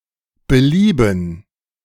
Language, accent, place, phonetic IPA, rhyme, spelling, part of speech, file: German, Germany, Berlin, [bəˈliːbn̩], -iːbn̩, Belieben, noun, De-Belieben.ogg
- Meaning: 1. discretion 2. pleasure